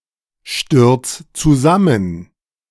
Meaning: 1. singular imperative of zusammenstürzen 2. first-person singular present of zusammenstürzen
- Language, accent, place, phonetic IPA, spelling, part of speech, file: German, Germany, Berlin, [ˌʃtʏʁt͡s t͡suˈzamən], stürz zusammen, verb, De-stürz zusammen.ogg